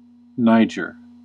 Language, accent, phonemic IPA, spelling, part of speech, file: English, US, /ˈnaɪ.d͡ʒɚ/, Niger, proper noun, En-us-Niger.ogg
- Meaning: 1. A country in West Africa, situated to the north of Nigeria. Official name: Republic of the Niger 2. A major river in West Africa that flows into the Gulf of Guinea in Nigeria